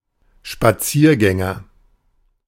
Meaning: 1. walker 2. A top official (politischer Beamter) ordained early retirement
- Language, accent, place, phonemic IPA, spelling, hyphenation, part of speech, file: German, Germany, Berlin, /ʃpaˈt͡siːɐ̯ˌɡɛŋɐ/, Spaziergänger, Spa‧zier‧gän‧ger, noun, De-Spaziergänger.ogg